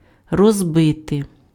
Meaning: 1. to break, to smash, to shatter 2. to fracture 3. to divide 4. to lay out (:park) 5. to pitch (:tent)
- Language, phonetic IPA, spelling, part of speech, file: Ukrainian, [rɔzˈbɪte], розбити, verb, Uk-розбити.ogg